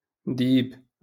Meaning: wolf
- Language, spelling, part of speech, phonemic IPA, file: Moroccan Arabic, ديب, noun, /diːb/, LL-Q56426 (ary)-ديب.wav